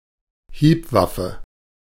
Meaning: striking weapon
- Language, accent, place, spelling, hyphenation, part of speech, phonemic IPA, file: German, Germany, Berlin, Hiebwaffe, Hieb‧waf‧fe, noun, /ˈhiːpˌvafə/, De-Hiebwaffe.ogg